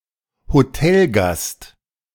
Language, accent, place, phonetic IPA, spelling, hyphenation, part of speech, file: German, Germany, Berlin, [hoˈtɛlɡast], Hotelgast, Ho‧tel‧gast, noun, De-Hotelgast.ogg
- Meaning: hotel guest